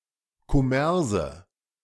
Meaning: 1. plural of Kommers 2. dative singular of Kommers
- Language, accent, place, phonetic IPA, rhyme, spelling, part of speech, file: German, Germany, Berlin, [kɔˈmɛʁzə], -ɛʁzə, Kommerse, noun, De-Kommerse.ogg